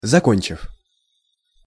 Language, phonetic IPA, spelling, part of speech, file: Russian, [zɐˈkonʲt͡ɕɪf], закончив, verb, Ru-закончив.ogg
- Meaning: short past adverbial perfective participle of зако́нчить (zakónčitʹ)